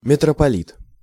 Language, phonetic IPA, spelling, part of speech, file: Russian, [mʲɪtrəpɐˈlʲit], митрополит, noun, Ru-митрополит.ogg
- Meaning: metropolitan